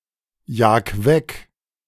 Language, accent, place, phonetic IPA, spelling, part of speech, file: German, Germany, Berlin, [ˌjaːk ˈvɛk], jag weg, verb, De-jag weg.ogg
- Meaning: 1. singular imperative of wegjagen 2. first-person singular present of wegjagen